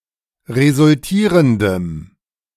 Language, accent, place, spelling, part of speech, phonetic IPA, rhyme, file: German, Germany, Berlin, resultierendem, adjective, [ʁezʊlˈtiːʁəndəm], -iːʁəndəm, De-resultierendem.ogg
- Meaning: strong dative masculine/neuter singular of resultierend